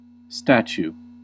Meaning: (noun) 1. A three-dimensional work of art, usually representing a person or animal, usually created by sculpting, carving, molding, or casting 2. A portrait
- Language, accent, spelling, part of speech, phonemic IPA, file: English, US, statue, noun / verb, /ˈstæt͡ʃu/, En-us-statue.ogg